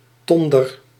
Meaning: tinder
- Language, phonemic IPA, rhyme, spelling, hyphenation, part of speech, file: Dutch, /ˈtɔn.dər/, -ɔndər, tonder, ton‧der, noun, Nl-tonder.ogg